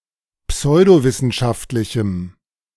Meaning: strong dative masculine/neuter singular of pseudowissenschaftlich
- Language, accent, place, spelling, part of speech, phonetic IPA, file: German, Germany, Berlin, pseudowissenschaftlichem, adjective, [ˈpsɔɪ̯doˌvɪsn̩ʃaftlɪçm̩], De-pseudowissenschaftlichem.ogg